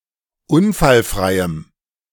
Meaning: strong dative masculine/neuter singular of unfallfrei
- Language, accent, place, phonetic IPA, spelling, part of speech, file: German, Germany, Berlin, [ˈʊnfalˌfʁaɪ̯əm], unfallfreiem, adjective, De-unfallfreiem.ogg